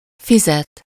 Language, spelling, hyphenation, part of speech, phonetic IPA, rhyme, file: Hungarian, fizet, fi‧zet, verb, [ˈfizɛt], -ɛt, Hu-fizet.ogg
- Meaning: to pay (someone: -nak/-nek; for something: -ért)